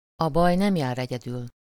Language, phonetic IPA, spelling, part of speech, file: Hungarian, [ɒ ˈbɒj ˈnɛmjaːr ˌɛɟɛdyl], a baj nem jár egyedül, proverb, Hu-a baj nem jár egyedül.ogg
- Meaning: when it rains, it pours, it never rains but it pours, misfortunes never come singly (unfortunate events occur in quantity)